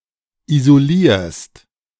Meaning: second-person singular present of isolieren
- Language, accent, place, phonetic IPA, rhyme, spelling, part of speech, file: German, Germany, Berlin, [izoˈliːɐ̯st], -iːɐ̯st, isolierst, verb, De-isolierst.ogg